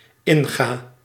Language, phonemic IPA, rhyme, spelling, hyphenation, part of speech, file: Dutch, /ˈɪnɣaː/, -ɪnɣaː, inga, in‧ga, verb, Nl-inga.ogg
- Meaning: inflection of ingaan: 1. first-person singular dependent-clause present indicative 2. singular dependent-clause present subjunctive